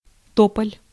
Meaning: poplar, cottonwood (any of various deciduous trees of the genus Populus)
- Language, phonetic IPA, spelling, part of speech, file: Russian, [ˈtopəlʲ], тополь, noun, Ru-тополь.ogg